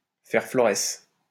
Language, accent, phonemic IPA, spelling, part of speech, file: French, France, /fɛʁ flɔ.ʁɛs/, faire florès, verb, LL-Q150 (fra)-faire florès.wav
- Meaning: to flourish, to be successful, to gain a reputation